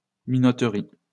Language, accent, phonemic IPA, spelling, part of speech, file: French, France, /mi.nɔ.tʁi/, minoterie, noun, LL-Q150 (fra)-minoterie.wav
- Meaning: 1. flour milling 2. flourmill